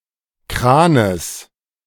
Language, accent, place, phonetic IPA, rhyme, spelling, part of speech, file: German, Germany, Berlin, [ˈkʁaːnəs], -aːnəs, Kranes, noun, De-Kranes.ogg
- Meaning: genitive singular of Kran